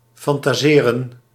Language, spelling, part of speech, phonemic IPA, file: Dutch, fantaseren, verb, /fɑntaːˈzeːrə(n)/, Nl-fantaseren.ogg
- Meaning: to fantasize